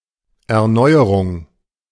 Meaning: 1. renewal, replacement 2. innovation 3. renovation
- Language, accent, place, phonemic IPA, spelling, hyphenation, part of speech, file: German, Germany, Berlin, /ˌɛɐ̯ˈnɔɪ̯əʁʊŋ/, Erneuerung, Er‧neu‧e‧rung, noun, De-Erneuerung.ogg